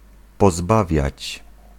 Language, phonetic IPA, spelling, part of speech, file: Polish, [pɔˈzbavʲjät͡ɕ], pozbawiać, verb, Pl-pozbawiać.ogg